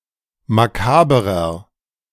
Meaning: inflection of makaber: 1. strong/mixed nominative masculine singular 2. strong genitive/dative feminine singular 3. strong genitive plural
- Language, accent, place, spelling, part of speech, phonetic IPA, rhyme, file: German, Germany, Berlin, makaberer, adjective, [maˈkaːbəʁɐ], -aːbəʁɐ, De-makaberer.ogg